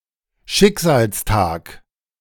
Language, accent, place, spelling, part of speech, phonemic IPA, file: German, Germany, Berlin, Schicksalstag, noun / proper noun, /ˈʃɪkzaːlsˌtaːk/, De-Schicksalstag.ogg
- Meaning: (noun) a fateful day, a day of destiny